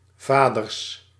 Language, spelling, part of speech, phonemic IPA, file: Dutch, vaders, noun, /ˈvadərs/, Nl-vaders.ogg
- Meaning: plural of vader